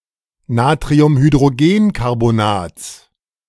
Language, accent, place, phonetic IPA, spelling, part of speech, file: German, Germany, Berlin, [naːtʁiʊmhydʁoˈɡeːnkaʁbonaːt͡s], Natriumhydrogenkarbonats, noun, De-Natriumhydrogenkarbonats.ogg
- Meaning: genitive singular of Natriumhydrogenkarbonat